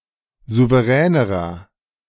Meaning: inflection of souverän: 1. strong/mixed nominative masculine singular comparative degree 2. strong genitive/dative feminine singular comparative degree 3. strong genitive plural comparative degree
- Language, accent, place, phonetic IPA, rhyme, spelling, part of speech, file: German, Germany, Berlin, [ˌzuvəˈʁɛːnəʁɐ], -ɛːnəʁɐ, souveränerer, adjective, De-souveränerer.ogg